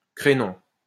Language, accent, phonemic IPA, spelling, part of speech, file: French, France, /kʁe.nɔ̃/, crénom, interjection, LL-Q150 (fra)-crénom.wav
- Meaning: holy shit! (or similar oath)